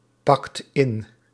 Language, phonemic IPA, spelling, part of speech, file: Dutch, /ˈpɑkt ˈɪn/, pakt in, verb, Nl-pakt in.ogg
- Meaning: inflection of inpakken: 1. second/third-person singular present indicative 2. plural imperative